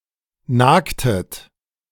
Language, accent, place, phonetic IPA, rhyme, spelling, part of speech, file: German, Germany, Berlin, [ˈnaːktət], -aːktət, nagtet, verb, De-nagtet.ogg
- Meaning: inflection of nagen: 1. second-person plural preterite 2. second-person plural subjunctive II